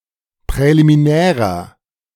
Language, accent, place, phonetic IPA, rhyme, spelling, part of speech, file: German, Germany, Berlin, [pʁɛlimiˈnɛːʁɐ], -ɛːʁɐ, präliminärer, adjective, De-präliminärer.ogg
- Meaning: inflection of präliminär: 1. strong/mixed nominative masculine singular 2. strong genitive/dative feminine singular 3. strong genitive plural